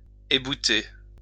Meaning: to hew off the point (of something)
- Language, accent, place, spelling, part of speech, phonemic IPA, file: French, France, Lyon, ébouter, verb, /e.bu.te/, LL-Q150 (fra)-ébouter.wav